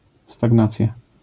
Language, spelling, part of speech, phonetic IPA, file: Polish, stagnacja, noun, [staɡˈnat͡sʲja], LL-Q809 (pol)-stagnacja.wav